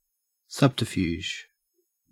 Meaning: 1. An indirect or deceptive device or stratagem; a blind. Refers especially to war and diplomatics 2. Deception; misrepresentation of the true nature of an activity
- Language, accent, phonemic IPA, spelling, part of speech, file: English, Australia, /ˈsʌbtəɹˌfjuː(d)ʒ/, subterfuge, noun, En-au-subterfuge.ogg